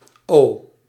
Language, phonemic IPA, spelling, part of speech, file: Dutch, /oː/, O, character / proper noun / adverb, Nl-O.ogg
- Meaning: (character) the fifteenth letter of the Dutch alphabet; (proper noun) a surname; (adverb) abbreviation of oost; east